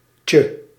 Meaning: Appended to a noun (or occasionally another part of speech), making it diminutive
- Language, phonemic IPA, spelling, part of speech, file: Dutch, /tjə/, -tje, suffix, Nl--tje.ogg